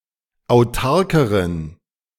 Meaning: inflection of autark: 1. strong genitive masculine/neuter singular comparative degree 2. weak/mixed genitive/dative all-gender singular comparative degree
- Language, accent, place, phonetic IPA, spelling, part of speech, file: German, Germany, Berlin, [aʊ̯ˈtaʁkəʁən], autarkeren, adjective, De-autarkeren.ogg